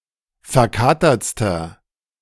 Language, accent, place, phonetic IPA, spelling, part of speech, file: German, Germany, Berlin, [fɛɐ̯ˈkaːtɐt͡stɐ], verkatertster, adjective, De-verkatertster.ogg
- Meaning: inflection of verkatert: 1. strong/mixed nominative masculine singular superlative degree 2. strong genitive/dative feminine singular superlative degree 3. strong genitive plural superlative degree